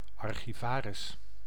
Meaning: archivist
- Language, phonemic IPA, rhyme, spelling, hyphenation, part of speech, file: Dutch, /ˌɑr.xiˈvaː.rɪs/, -aːrɪs, archivaris, ar‧chi‧va‧ris, noun, Nl-archivaris.ogg